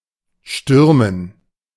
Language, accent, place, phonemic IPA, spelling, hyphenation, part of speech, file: German, Germany, Berlin, /ˈʃtʏrmən/, stürmen, stür‧men, verb, De-stürmen.ogg
- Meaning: 1. to storm, to be blustery 2. to rush, to charge (on foot, especially in anger) 3. to attack, to play as forward 4. to storm, to assault, to conduct a violent, often frontal attack